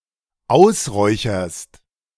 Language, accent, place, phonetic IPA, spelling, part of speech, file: German, Germany, Berlin, [ˈaʊ̯sˌʁɔɪ̯çɐst], ausräucherst, verb, De-ausräucherst.ogg
- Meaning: second-person singular dependent present of ausräuchern